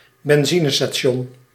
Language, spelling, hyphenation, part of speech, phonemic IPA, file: Dutch, benzinestation, ben‧zi‧ne‧sta‧ti‧on, noun, /bɛnˈzi.nə.staːˌʃɔn/, Nl-benzinestation.ogg
- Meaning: service station or petrol station (UK); gas station (US)